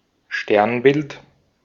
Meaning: constellation (collection of stars)
- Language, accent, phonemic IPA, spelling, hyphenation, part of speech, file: German, Austria, /ˈʃtɛʁnbɪlt/, Sternbild, Stern‧bild, noun, De-at-Sternbild.ogg